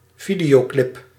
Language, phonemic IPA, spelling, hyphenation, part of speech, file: Dutch, /ˈvidejoˌklɪp/, videoclip, vi‧deo‧clip, noun, Nl-videoclip.ogg
- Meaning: music video